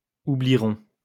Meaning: third-person plural future of oublier
- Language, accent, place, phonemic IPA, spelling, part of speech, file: French, France, Lyon, /u.bli.ʁɔ̃/, oublieront, verb, LL-Q150 (fra)-oublieront.wav